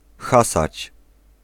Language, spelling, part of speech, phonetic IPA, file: Polish, hasać, verb, [ˈxasat͡ɕ], Pl-hasać.ogg